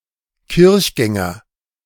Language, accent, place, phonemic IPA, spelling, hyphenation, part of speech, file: German, Germany, Berlin, /ˈkɪʁçˌɡɛŋɐ/, Kirchgänger, Kirch‧gän‧ger, noun, De-Kirchgänger.ogg
- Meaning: churchgoer